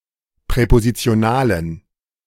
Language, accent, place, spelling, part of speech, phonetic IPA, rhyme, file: German, Germany, Berlin, präpositionalen, adjective, [pʁɛpozit͡si̯oˈnaːlən], -aːlən, De-präpositionalen.ogg
- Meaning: inflection of präpositional: 1. strong genitive masculine/neuter singular 2. weak/mixed genitive/dative all-gender singular 3. strong/weak/mixed accusative masculine singular 4. strong dative plural